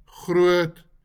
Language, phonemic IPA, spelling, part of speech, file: Afrikaans, /χrʊət/, groot, adjective, LL-Q14196 (afr)-groot.wav
- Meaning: great; big; large